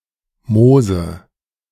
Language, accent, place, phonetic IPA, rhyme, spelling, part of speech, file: German, Germany, Berlin, [ˈmoːzə], -oːzə, Mose, proper noun, De-Mose.ogg
- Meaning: Moses